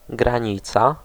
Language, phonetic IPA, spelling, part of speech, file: Polish, [ɡrãˈɲit͡sa], granica, noun, Pl-granica.ogg